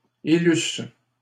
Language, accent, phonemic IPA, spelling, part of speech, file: French, Canada, /e.lys/, élusses, verb, LL-Q150 (fra)-élusses.wav
- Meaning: second-person singular imperfect subjunctive of élire